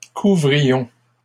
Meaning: inflection of couvrir: 1. first-person plural imperfect indicative 2. first-person plural present subjunctive
- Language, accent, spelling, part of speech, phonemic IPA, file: French, Canada, couvrions, verb, /ku.vʁi.jɔ̃/, LL-Q150 (fra)-couvrions.wav